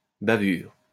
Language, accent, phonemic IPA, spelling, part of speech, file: French, France, /ba.vyʁ/, bavure, noun, LL-Q150 (fra)-bavure.wav
- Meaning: 1. smudge, blemish, smear 2. mistake, blunder